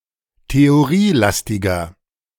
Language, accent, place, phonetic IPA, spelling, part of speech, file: German, Germany, Berlin, [teoˈʁiːˌlastɪɡɐ], theorielastiger, adjective, De-theorielastiger.ogg
- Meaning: 1. comparative degree of theorielastig 2. inflection of theorielastig: strong/mixed nominative masculine singular 3. inflection of theorielastig: strong genitive/dative feminine singular